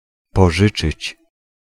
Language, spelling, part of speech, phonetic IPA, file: Polish, pożyczyć, verb, [pɔˈʒɨt͡ʃɨt͡ɕ], Pl-pożyczyć.ogg